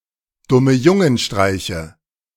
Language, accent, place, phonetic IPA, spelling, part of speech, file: German, Germany, Berlin, [ˌdʊməˈjʊŋənˌʃtʁaɪ̯çə], Dummejungenstreiche, noun, De-Dummejungenstreiche.ogg
- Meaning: nominative/accusative/genitive plural of Dummejungenstreich